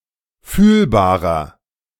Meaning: 1. comparative degree of fühlbar 2. inflection of fühlbar: strong/mixed nominative masculine singular 3. inflection of fühlbar: strong genitive/dative feminine singular
- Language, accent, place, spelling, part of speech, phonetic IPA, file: German, Germany, Berlin, fühlbarer, adjective, [ˈfyːlbaːʁɐ], De-fühlbarer.ogg